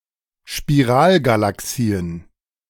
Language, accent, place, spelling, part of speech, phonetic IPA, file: German, Germany, Berlin, Spiralgalaxien, noun, [ʃpiˈʁaːlɡalaˌksiːən], De-Spiralgalaxien.ogg
- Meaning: plural of Spiralgalaxie